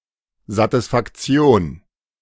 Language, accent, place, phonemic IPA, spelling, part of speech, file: German, Germany, Berlin, /zatɪsfakˈt͡si̯oːn/, Satisfaktion, noun, De-Satisfaktion.ogg
- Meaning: satisfaction (vindication for a wrong suffered)